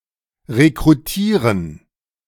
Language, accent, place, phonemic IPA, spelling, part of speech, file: German, Germany, Berlin, /ʁekʁuˈtiːʁən/, rekrutieren, verb, De-rekrutieren.ogg
- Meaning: to recruit